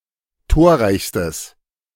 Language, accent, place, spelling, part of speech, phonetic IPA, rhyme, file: German, Germany, Berlin, torreichstes, adjective, [ˈtoːɐ̯ˌʁaɪ̯çstəs], -oːɐ̯ʁaɪ̯çstəs, De-torreichstes.ogg
- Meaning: strong/mixed nominative/accusative neuter singular superlative degree of torreich